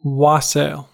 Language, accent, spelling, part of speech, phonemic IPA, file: English, US, wassail, noun / verb, /ˈwɑseɪl/, En-us-wassail.ogg
- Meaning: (noun) 1. A toast to health, usually on a festive occasion 2. The beverage served during a wassail, especially one made of ale or wine flavoured with spices, sugar, roasted apples, etc 3. Revelry